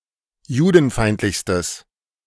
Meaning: strong/mixed nominative/accusative neuter singular superlative degree of judenfeindlich
- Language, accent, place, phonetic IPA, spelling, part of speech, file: German, Germany, Berlin, [ˈjuːdn̩ˌfaɪ̯ntlɪçstəs], judenfeindlichstes, adjective, De-judenfeindlichstes.ogg